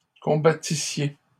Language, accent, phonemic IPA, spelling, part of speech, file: French, Canada, /kɔ̃.ba.ti.sje/, combattissiez, verb, LL-Q150 (fra)-combattissiez.wav
- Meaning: second-person plural imperfect subjunctive of combattre